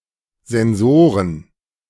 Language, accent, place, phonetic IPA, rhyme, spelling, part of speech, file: German, Germany, Berlin, [zɛnˈzoːʁən], -oːʁən, Sensoren, noun, De-Sensoren.ogg
- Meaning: plural of Sensor